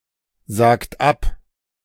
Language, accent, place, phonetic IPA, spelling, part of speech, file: German, Germany, Berlin, [ˌzaːkt ˈap], sagt ab, verb, De-sagt ab.ogg
- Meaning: inflection of absagen: 1. third-person singular present 2. second-person plural present 3. plural imperative